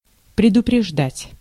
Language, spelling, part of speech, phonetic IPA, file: Russian, предупреждать, verb, [prʲɪdʊprʲɪʐˈdatʲ], Ru-предупреждать.ogg
- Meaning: 1. to warn, to let know beforehand 2. to forestall, to anticipate 3. to avert, to prevent